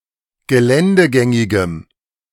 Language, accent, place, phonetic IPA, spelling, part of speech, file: German, Germany, Berlin, [ɡəˈlɛndəˌɡɛŋɪɡəm], geländegängigem, adjective, De-geländegängigem.ogg
- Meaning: strong dative masculine/neuter singular of geländegängig